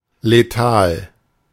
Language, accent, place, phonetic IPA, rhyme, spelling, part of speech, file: German, Germany, Berlin, [leˈtaːl], -aːl, letal, adjective, De-letal.ogg
- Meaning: lethal